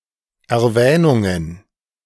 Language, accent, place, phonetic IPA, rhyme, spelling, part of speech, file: German, Germany, Berlin, [ɛɐ̯ˈvɛːnʊŋən], -ɛːnʊŋən, Erwähnungen, noun, De-Erwähnungen.ogg
- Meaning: plural of Erwähnung